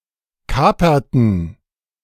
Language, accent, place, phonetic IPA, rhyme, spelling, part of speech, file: German, Germany, Berlin, [ˈkaːpɐtn̩], -aːpɐtn̩, kaperten, verb, De-kaperten.ogg
- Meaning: inflection of kapern: 1. first/third-person plural preterite 2. first/third-person plural subjunctive II